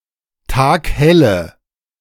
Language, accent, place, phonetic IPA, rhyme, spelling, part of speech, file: German, Germany, Berlin, [ˈtaːkˈhɛlə], -ɛlə, taghelle, adjective, De-taghelle.ogg
- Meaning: inflection of taghell: 1. strong/mixed nominative/accusative feminine singular 2. strong nominative/accusative plural 3. weak nominative all-gender singular 4. weak accusative feminine/neuter singular